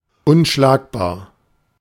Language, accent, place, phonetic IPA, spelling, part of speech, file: German, Germany, Berlin, [ʔʊnˈʃlaːk.baː(ɐ̯)], unschlagbar, adjective, De-unschlagbar.ogg
- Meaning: unbeatable, invincible